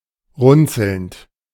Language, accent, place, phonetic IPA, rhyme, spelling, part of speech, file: German, Germany, Berlin, [ˈʁʊnt͡sl̩nt], -ʊnt͡sl̩nt, runzelnd, verb, De-runzelnd.ogg
- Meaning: present participle of runzeln